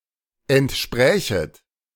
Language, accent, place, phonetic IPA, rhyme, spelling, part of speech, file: German, Germany, Berlin, [ɛntˈʃpʁɛːçət], -ɛːçət, entsprächet, verb, De-entsprächet.ogg
- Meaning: second-person plural subjunctive I of entsprechen